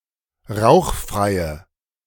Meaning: inflection of rauchfrei: 1. strong/mixed nominative/accusative feminine singular 2. strong nominative/accusative plural 3. weak nominative all-gender singular
- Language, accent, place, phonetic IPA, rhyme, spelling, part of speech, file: German, Germany, Berlin, [ˈʁaʊ̯xˌfʁaɪ̯ə], -aʊ̯xfʁaɪ̯ə, rauchfreie, adjective, De-rauchfreie.ogg